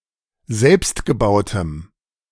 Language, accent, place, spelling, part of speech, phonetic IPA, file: German, Germany, Berlin, selbstgebautem, adjective, [ˈzɛlpstɡəˌbaʊ̯təm], De-selbstgebautem.ogg
- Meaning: strong dative masculine/neuter singular of selbstgebaut